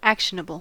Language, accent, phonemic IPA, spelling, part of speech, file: English, US, /ˈæk.ʃə.nə.bəl/, actionable, adjective / noun, En-us-actionable.ogg
- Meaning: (adjective) 1. Able to be acted on; able to be used as the basis for taking action 2. Affording grounds for legal action; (noun) That can be acted on; that can be used as the basis for taking action